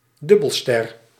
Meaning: binary star
- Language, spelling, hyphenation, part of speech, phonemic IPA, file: Dutch, dubbelster, dub‧bel‧ster, noun, /ˈdʏbəlstɛr/, Nl-dubbelster.ogg